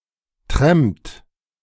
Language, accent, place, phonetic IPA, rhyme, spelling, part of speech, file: German, Germany, Berlin, [tʁɛmpt], -ɛmpt, trampt, verb, De-trampt.ogg
- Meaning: inflection of trampen: 1. third-person singular present 2. second-person plural present 3. plural imperative